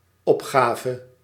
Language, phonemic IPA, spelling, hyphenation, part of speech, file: Dutch, /ˈɔpɣavə/, opgave, op‧ga‧ve, noun, Nl-opgave.ogg
- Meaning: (noun) 1. the act of stating, declaring, indicating (e.g. data in a form) 2. task, assignment; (verb) singular dependent-clause past subjunctive of opgeven